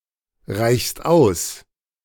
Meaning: second-person singular present of ausreichen
- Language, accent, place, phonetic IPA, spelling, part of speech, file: German, Germany, Berlin, [ˌʁaɪ̯çst ˈaʊ̯s], reichst aus, verb, De-reichst aus.ogg